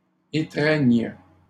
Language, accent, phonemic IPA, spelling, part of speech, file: French, Canada, /e.tʁɛɲ/, étreignes, verb, LL-Q150 (fra)-étreignes.wav
- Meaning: second-person singular present subjunctive of étreindre